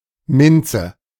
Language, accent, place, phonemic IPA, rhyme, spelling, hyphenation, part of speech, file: German, Germany, Berlin, /ˈmɪnt͡sə/, -ɪnt͡sə, Minze, Min‧ze, noun, De-Minze.ogg
- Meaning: mint (genus Mentha)